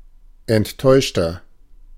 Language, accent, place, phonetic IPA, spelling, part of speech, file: German, Germany, Berlin, [ɛntˈtɔɪ̯ʃtɐ], enttäuschter, adjective, De-enttäuschter.ogg
- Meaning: inflection of enttäuscht: 1. strong/mixed nominative masculine singular 2. strong genitive/dative feminine singular 3. strong genitive plural